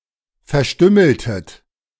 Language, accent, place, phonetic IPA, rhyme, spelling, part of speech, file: German, Germany, Berlin, [fɛɐ̯ˈʃtʏml̩tət], -ʏml̩tət, verstümmeltet, verb, De-verstümmeltet.ogg
- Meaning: inflection of verstümmeln: 1. second-person plural preterite 2. second-person plural subjunctive II